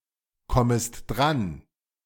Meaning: second-person singular subjunctive I of drankommen
- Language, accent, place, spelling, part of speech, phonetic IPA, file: German, Germany, Berlin, kommest dran, verb, [ˌkɔməst ˈdʁan], De-kommest dran.ogg